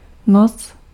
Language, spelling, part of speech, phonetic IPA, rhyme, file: Czech, noc, noun, [ˈnot͡s], -ots, Cs-noc.ogg
- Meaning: night, nighttime (period of time from sundown to sunup)